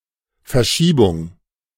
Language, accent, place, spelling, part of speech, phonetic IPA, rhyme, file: German, Germany, Berlin, Verschiebung, noun, [fɛɐ̯ˈʃiːbʊŋ], -iːbʊŋ, De-Verschiebung.ogg
- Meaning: 1. delay, deferral, deferment, postponement, suspension, adjournment 2. shift, displacement, offset, relocation, transfer, translation 3. shift